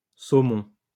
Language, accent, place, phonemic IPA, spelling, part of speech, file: French, France, Lyon, /so.mɔ̃/, saumons, noun, LL-Q150 (fra)-saumons.wav
- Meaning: plural of saumon